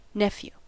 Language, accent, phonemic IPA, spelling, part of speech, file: English, US, /ˈnɛf.ju/, nephew, noun, En-us-nephew.ogg
- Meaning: 1. A son of one's sibling, brother-in-law, or sister-in-law; either a son of one's brother (fraternal nephew) or a son of one's sister (sororal nephew) 2. A son of one's cousin or cousin-in-law